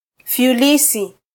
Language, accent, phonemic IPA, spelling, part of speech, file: Swahili, Kenya, /fjuˈli.si/, fyulisi, noun, Sw-ke-fyulisi.flac
- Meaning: peach